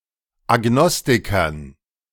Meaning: dative plural of Agnostiker
- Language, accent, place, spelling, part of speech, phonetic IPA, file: German, Germany, Berlin, Agnostikern, noun, [aˈɡnɔstɪkɐn], De-Agnostikern.ogg